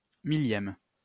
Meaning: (adjective) thousandth
- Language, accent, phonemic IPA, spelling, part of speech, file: French, France, /mi.ljɛm/, millième, adjective / noun, LL-Q150 (fra)-millième.wav